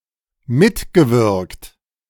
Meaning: past participle of mitwirken
- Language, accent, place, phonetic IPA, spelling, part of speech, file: German, Germany, Berlin, [ˈmɪtɡəˌvɪʁkt], mitgewirkt, verb, De-mitgewirkt.ogg